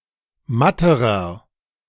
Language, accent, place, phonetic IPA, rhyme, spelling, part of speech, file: German, Germany, Berlin, [ˈmatəʁɐ], -atəʁɐ, matterer, adjective, De-matterer.ogg
- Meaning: inflection of matt: 1. strong/mixed nominative masculine singular comparative degree 2. strong genitive/dative feminine singular comparative degree 3. strong genitive plural comparative degree